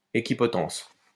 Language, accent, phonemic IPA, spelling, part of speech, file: French, France, /e.ki.pɔ.tɑ̃s/, équipotence, noun, LL-Q150 (fra)-équipotence.wav
- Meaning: equipotency